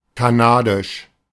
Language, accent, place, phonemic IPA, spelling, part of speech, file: German, Germany, Berlin, /kaˈnaːdɪʃ/, kanadisch, adjective, De-kanadisch.ogg
- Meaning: Canadian